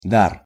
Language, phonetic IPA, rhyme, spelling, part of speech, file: Russian, [dar], -ar, дар, noun, Ru-дар.ogg
- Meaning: 1. gift, present 2. talent, aptitude